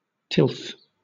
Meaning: 1. Agricultural labour; husbandry 2. The state of being tilled, or prepared for a crop; culture 3. Cultivated land 4. Rich cultivated soil
- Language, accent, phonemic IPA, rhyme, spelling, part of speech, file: English, Southern England, /tɪlθ/, -ɪlθ, tilth, noun, LL-Q1860 (eng)-tilth.wav